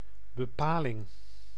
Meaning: 1. definition, description (determination of meaning) 2. condition (determination of possibility) 3. provision 4. adverbial phrase
- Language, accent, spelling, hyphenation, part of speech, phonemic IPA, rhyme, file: Dutch, Netherlands, bepaling, be‧pa‧ling, noun, /bəˈpaː.lɪŋ/, -aːlɪŋ, Nl-bepaling.ogg